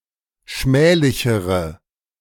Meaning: inflection of schmählich: 1. strong/mixed nominative/accusative feminine singular comparative degree 2. strong nominative/accusative plural comparative degree
- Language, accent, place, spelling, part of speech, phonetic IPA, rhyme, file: German, Germany, Berlin, schmählichere, adjective, [ˈʃmɛːlɪçəʁə], -ɛːlɪçəʁə, De-schmählichere.ogg